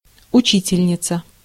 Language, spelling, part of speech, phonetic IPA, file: Russian, учительница, noun, [ʊˈt͡ɕitʲɪlʲnʲɪt͡sə], Ru-учительница.ogg
- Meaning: female equivalent of учи́тель (učítelʹ): female teacher, female instructor